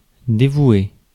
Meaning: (verb) past participle of dévouer; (adjective) devoted
- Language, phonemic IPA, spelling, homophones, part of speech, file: French, /de.vwe/, dévoué, dévouai / dévouée / dévouées / dévouer / dévoués / dévouez, verb / adjective, Fr-dévoué.ogg